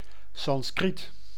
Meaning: Sanskrit (Indo-Iranian language)
- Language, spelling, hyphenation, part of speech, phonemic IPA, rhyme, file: Dutch, Sanskriet, San‧skriet, proper noun, /sɑnˈskrit/, -it, Nl-Sanskriet.ogg